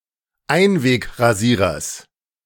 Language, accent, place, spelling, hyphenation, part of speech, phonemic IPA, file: German, Germany, Berlin, Einwegrasierers, Ein‧weg‧ra‧sie‧rers, noun, /ˈaɪ̯nveːkʁaˌziːʁɐs/, De-Einwegrasierers.ogg
- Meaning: genitive singular of Einwegrasierer